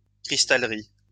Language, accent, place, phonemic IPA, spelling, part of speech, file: French, France, Lyon, /kʁis.tal.ʁi/, cristallerie, noun, LL-Q150 (fra)-cristallerie.wav
- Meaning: crystal glassworks